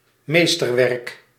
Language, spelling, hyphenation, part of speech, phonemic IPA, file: Dutch, meesterwerk, mees‧ter‧werk, noun, /ˈmestərˌwɛrᵊk/, Nl-meesterwerk.ogg
- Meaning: masterpiece